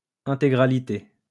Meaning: entirety, wholeness
- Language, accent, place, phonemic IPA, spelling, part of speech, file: French, France, Lyon, /ɛ̃.te.ɡʁa.li.te/, intégralité, noun, LL-Q150 (fra)-intégralité.wav